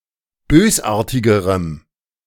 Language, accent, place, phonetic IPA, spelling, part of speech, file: German, Germany, Berlin, [ˈbøːsˌʔaːɐ̯tɪɡəʁəm], bösartigerem, adjective, De-bösartigerem.ogg
- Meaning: strong dative masculine/neuter singular comparative degree of bösartig